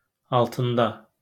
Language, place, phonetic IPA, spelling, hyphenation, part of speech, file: Azerbaijani, Baku, [ɑɫtɯnˈdɑ], altında, al‧tın‧da, postposition, LL-Q9292 (aze)-altında.wav
- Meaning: under